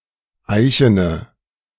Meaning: inflection of eichen: 1. strong/mixed nominative/accusative feminine singular 2. strong nominative/accusative plural 3. weak nominative all-gender singular 4. weak accusative feminine/neuter singular
- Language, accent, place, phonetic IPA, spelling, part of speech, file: German, Germany, Berlin, [ˈaɪ̯çənə], eichene, adjective, De-eichene.ogg